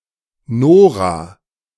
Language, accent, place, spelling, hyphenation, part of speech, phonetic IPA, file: German, Germany, Berlin, Nora, No‧ra, proper noun, [ˈnoːʁa], De-Nora.ogg
- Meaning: a female given name